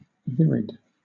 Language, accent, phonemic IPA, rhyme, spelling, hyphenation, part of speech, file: English, Southern England, /ˈvɪɹɪd/, -ɪɹɪd, virid, vir‧id, adjective / noun, LL-Q1860 (eng)-virid.wav
- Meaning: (adjective) Green, verdant; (noun) A green colour